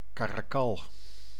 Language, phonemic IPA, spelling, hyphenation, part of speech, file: Dutch, /ˈkaː.raːˌkɑl/, caracal, ca‧ra‧cal, noun, Nl-caracal.ogg
- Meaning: caracal (Caracal caracal)